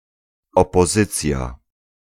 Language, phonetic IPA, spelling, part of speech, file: Polish, [ˌɔpɔˈzɨt͡sʲja], opozycja, noun, Pl-opozycja.ogg